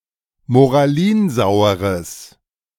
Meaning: strong/mixed nominative/accusative neuter singular of moralinsauer
- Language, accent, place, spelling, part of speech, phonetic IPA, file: German, Germany, Berlin, moralinsaueres, adjective, [moʁaˈliːnˌzaʊ̯əʁəs], De-moralinsaueres.ogg